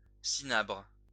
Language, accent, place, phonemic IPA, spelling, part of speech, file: French, France, Lyon, /si.nabʁ/, cinabre, noun, LL-Q150 (fra)-cinabre.wav
- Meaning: cinnabar